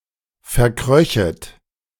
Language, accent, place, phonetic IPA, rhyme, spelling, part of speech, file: German, Germany, Berlin, [fɛɐ̯ˈkʁœçət], -œçət, verkröchet, verb, De-verkröchet.ogg
- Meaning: second-person plural subjunctive II of verkriechen